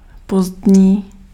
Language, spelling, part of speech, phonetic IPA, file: Czech, pozdní, adjective, [ˈpozdɲiː], Cs-pozdní.ogg
- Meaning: late (at the end of a period)